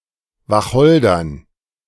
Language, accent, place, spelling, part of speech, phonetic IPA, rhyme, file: German, Germany, Berlin, Wacholdern, noun, [vaˈxɔldɐn], -ɔldɐn, De-Wacholdern.ogg
- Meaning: dative plural of Wacholder